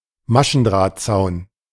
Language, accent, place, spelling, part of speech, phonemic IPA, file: German, Germany, Berlin, Maschendrahtzaun, noun, /ˈmaʃənˌdʁaːt.tsaʊ̯n/, De-Maschendrahtzaun.ogg
- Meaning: chainlink fence